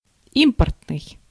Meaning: imported, import
- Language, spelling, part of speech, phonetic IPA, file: Russian, импортный, adjective, [ˈimpərtnɨj], Ru-импортный.ogg